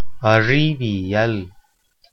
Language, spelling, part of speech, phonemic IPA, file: Tamil, அறிவியல், noun, /ɐrɪʋɪjɐl/, Ta-அறிவியல்.ogg
- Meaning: science